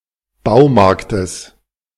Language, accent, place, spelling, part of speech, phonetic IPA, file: German, Germany, Berlin, Baumarktes, noun, [ˈbaʊ̯ˌmaʁktəs], De-Baumarktes.ogg
- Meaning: genitive singular of Baumarkt